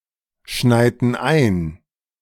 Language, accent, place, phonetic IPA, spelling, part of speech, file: German, Germany, Berlin, [ˌʃnaɪ̯tn̩ ˈaɪ̯n], schneiten ein, verb, De-schneiten ein.ogg
- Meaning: inflection of einschneien: 1. first/third-person plural preterite 2. first/third-person plural subjunctive II